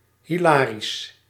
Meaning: hilarious, comical
- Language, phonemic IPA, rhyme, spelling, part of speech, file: Dutch, /ɦiˈlaːris/, -aːris, hilarisch, adjective, Nl-hilarisch.ogg